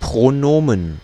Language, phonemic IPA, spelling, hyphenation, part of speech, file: German, /pʁoˈnoːmən/, Pronomen, Pro‧no‧men, noun, De-Pronomen.ogg
- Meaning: 1. pronoun (sensu lato); pronoun (sensu stricto), or pronominal adjective or determiner 2. plural of Pronom